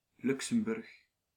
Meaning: 1. Luxembourg (a small country in Western Europe) 2. Luxembourg (a province of Wallonia, Belgium) 3. Luxembourg, Luxembourg City (the capital city of Luxembourg)
- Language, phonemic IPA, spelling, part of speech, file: Dutch, /ˈlyk.səm.ˌbʏrx/, Luxemburg, proper noun, Nl-Luxemburg.ogg